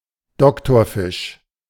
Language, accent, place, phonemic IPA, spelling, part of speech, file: German, Germany, Berlin, /ˈdɔktɔɐ̯fɪʃ/, Doktorfisch, noun, De-Doktorfisch.ogg
- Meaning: surgeonfish or tang of the family Acanthuridae